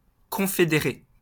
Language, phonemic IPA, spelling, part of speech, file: French, /kɔ̃.fe.de.ʁe/, confédérée, adjective, LL-Q150 (fra)-confédérée.wav
- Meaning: feminine singular of confédéré